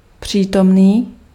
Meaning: 1. present (current) 2. present 3. present (in vicinity)
- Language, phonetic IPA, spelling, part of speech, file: Czech, [ˈpr̝̊iːtomniː], přítomný, adjective, Cs-přítomný.ogg